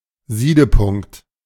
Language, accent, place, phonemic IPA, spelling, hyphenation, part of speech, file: German, Germany, Berlin, /ˈziːdəˌpʊŋkt/, Siedepunkt, Sie‧de‧punkt, noun, De-Siedepunkt.ogg
- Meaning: boiling point